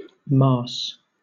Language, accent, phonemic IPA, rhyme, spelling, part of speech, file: English, Southern England, /mɑː(ɹ)s/, -ɑː(ɹ)s, marse, noun, LL-Q1860 (eng)-marse.wav
- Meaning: Alternative form of master, often used as a general title of respect